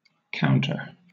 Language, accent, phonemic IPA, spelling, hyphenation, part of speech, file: English, Southern England, /ˈkaʊn.tə/, counter, count‧er, noun / adverb / verb / adjective, LL-Q1860 (eng)-counter.wav
- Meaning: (noun) 1. One who counts 2. A reckoner; someone who collects data by counting; an enumerator 3. An object (now especially a small disc) used in counting or keeping count, or as a marker in games, etc